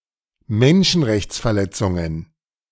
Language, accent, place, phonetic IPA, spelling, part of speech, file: German, Germany, Berlin, [ˈmɛnʃn̩ʁɛçt͡sfɛɐ̯ˌlɛt͡sʊŋən], Menschenrechtsverletzungen, noun, De-Menschenrechtsverletzungen.ogg
- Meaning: plural of Menschenrechtsverletzung